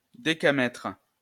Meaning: decametre (UK) / decameter (US)
- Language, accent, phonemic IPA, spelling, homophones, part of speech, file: French, France, /de.ka.mɛtʁ/, décamètre, décamètres, noun, LL-Q150 (fra)-décamètre.wav